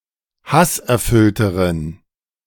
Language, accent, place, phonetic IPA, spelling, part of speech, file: German, Germany, Berlin, [ˈhasʔɛɐ̯ˌfʏltəʁən], hasserfüllteren, adjective, De-hasserfüllteren.ogg
- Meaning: inflection of hasserfüllt: 1. strong genitive masculine/neuter singular comparative degree 2. weak/mixed genitive/dative all-gender singular comparative degree